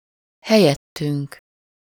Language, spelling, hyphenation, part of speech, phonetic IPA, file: Hungarian, helyettünk, he‧lyet‧tünk, pronoun, [ˈhɛjɛtːyŋk], Hu-helyettünk.ogg
- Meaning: first-person plural of helyette